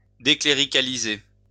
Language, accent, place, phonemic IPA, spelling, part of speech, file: French, France, Lyon, /de.kle.ʁi.ka.li.ze/, décléricaliser, verb, LL-Q150 (fra)-décléricaliser.wav
- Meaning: to declericalize